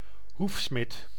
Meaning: farrier (person who trims and shoes horses' hooves)
- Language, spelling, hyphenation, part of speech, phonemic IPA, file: Dutch, hoefsmid, hoef‧smid, noun, /ˈɦuf.smɪt/, Nl-hoefsmid.ogg